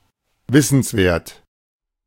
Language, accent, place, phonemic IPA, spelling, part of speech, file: German, Germany, Berlin, /ˈvɪsn̩sˌveːɐ̯t/, wissenswert, adjective, De-wissenswert.ogg
- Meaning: important (worth knowing)